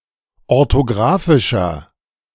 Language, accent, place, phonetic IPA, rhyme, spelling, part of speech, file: German, Germany, Berlin, [ɔʁtoˈɡʁaːfɪʃɐ], -aːfɪʃɐ, orthographischer, adjective, De-orthographischer.ogg
- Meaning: inflection of orthographisch: 1. strong/mixed nominative masculine singular 2. strong genitive/dative feminine singular 3. strong genitive plural